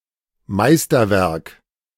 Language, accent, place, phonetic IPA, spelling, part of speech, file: German, Germany, Berlin, [ˈmaɪ̯stɐˌvɛʁk], Meisterwerk, noun, De-Meisterwerk.ogg
- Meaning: 1. masterwork, masterpiece (outstanding work, especially of art) 2. chef d'oeuvre, magnum opus (main work of an artist, a period etc.)